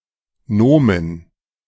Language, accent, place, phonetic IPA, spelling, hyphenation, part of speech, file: German, Germany, Berlin, [ˈnoːmən], Nomen, No‧men, noun, De-Nomen.ogg
- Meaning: 1. any declinable part of speech, i.e. substantive, adjective, numeral, article, pronoun 2. substantive or adjective; a noun (broad sense) 3. substantive; noun (narrow sense) 4. name